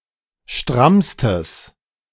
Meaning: strong/mixed nominative/accusative neuter singular superlative degree of stramm
- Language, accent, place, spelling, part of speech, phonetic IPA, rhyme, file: German, Germany, Berlin, strammstes, adjective, [ˈʃtʁamstəs], -amstəs, De-strammstes.ogg